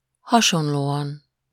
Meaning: similarly
- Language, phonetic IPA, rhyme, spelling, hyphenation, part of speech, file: Hungarian, [ˈhɒʃonloːɒn], -ɒn, hasonlóan, ha‧son‧ló‧an, adverb, Hu-hasonlóan.ogg